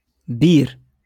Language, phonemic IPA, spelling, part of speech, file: Moroccan Arabic, /biːr/, بير, noun, LL-Q56426 (ary)-بير.wav
- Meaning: well